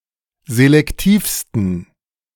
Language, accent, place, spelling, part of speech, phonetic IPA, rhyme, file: German, Germany, Berlin, selektivsten, adjective, [zelɛkˈtiːfstn̩], -iːfstn̩, De-selektivsten.ogg
- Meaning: 1. superlative degree of selektiv 2. inflection of selektiv: strong genitive masculine/neuter singular superlative degree